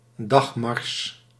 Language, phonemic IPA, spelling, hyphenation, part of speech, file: Dutch, /ˈdɑx.mɑrs/, dagmars, dag‧mars, noun, Nl-dagmars.ogg
- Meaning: 1. a day's march, a daily march 2. the distance that can be (typically or ideally) travelled on a day's march